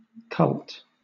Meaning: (noun) The veneration, devotion, and religious rites given to a deity (especially in a historical polytheistic context), or (in a Christian context) to a saint; a subset of worship
- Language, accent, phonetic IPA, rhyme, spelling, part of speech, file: English, Southern England, [kʰʌlt], -ʌlt, cult, noun / adjective, LL-Q1860 (eng)-cult.wav